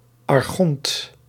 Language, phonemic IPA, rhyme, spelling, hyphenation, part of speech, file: Dutch, /ɑrˈxɔnt/, -ɔnt, archont, ar‧chont, noun, Nl-archont.ogg
- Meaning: archon